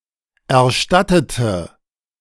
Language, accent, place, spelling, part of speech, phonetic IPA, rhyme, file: German, Germany, Berlin, erstattete, adjective / verb, [ɛɐ̯ˈʃtatətə], -atətə, De-erstattete.ogg
- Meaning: inflection of erstatten: 1. first/third-person singular preterite 2. first/third-person singular subjunctive II